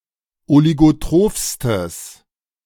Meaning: strong/mixed nominative/accusative neuter singular superlative degree of oligotroph
- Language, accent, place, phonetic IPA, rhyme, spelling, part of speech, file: German, Germany, Berlin, [oliɡoˈtʁoːfstəs], -oːfstəs, oligotrophstes, adjective, De-oligotrophstes.ogg